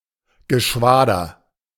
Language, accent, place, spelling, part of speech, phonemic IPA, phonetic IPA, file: German, Germany, Berlin, Geschwader, noun, /ɡəˈʃvaːdəʁ/, [ɡəˈʃʋaːdɐ], De-Geschwader.ogg
- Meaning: 1. squadron (formation) 2. a formation, now equivalent to a wing (RAF) or group (USAF), in earlier use (WWI) to a squadron 3. synonym of Schwadron (“formation of cavalry”)